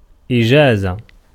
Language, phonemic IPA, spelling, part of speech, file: Arabic, /ʔi.d͡ʒaː.za/, إجازة, noun, Ar-إجازة.ogg
- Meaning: 1. permission, authorization 2. approval 3. license 4. bachelor's degree (Bac+3 in France) 5. permit 6. vacation, leave, leave of absence